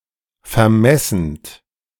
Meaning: present participle of vermessen
- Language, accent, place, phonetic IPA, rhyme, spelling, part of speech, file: German, Germany, Berlin, [fɛɐ̯ˈmɛsn̩t], -ɛsn̩t, vermessend, verb, De-vermessend.ogg